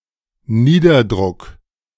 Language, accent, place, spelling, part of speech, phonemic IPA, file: German, Germany, Berlin, Niederdruck, noun, /ˈniːdɐdrʊk/, De-Niederdruck.ogg
- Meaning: 1. low gas or vapor pressure 2. low air pressure 3. gravure